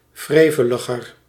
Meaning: comparative degree of wrevelig
- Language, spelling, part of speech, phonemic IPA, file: Dutch, wreveliger, adjective, /ˈvreːvələɣər/, Nl-wreveliger.ogg